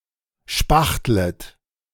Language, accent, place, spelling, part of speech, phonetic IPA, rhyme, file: German, Germany, Berlin, spachtlet, verb, [ˈʃpaxtlət], -axtlət, De-spachtlet.ogg
- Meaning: second-person plural subjunctive I of spachteln